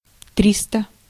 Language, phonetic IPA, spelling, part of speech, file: Russian, [ˈtrʲistə], триста, numeral, Ru-триста.ogg
- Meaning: three hundred (300)